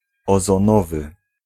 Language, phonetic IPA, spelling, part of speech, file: Polish, [ˌɔzɔ̃ˈnɔvɨ], ozonowy, adjective, Pl-ozonowy.ogg